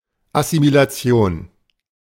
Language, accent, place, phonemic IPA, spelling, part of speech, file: German, Germany, Berlin, /ʔasimilaˈtsi̯oːn/, Assimilation, noun, De-Assimilation.ogg
- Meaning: assimilation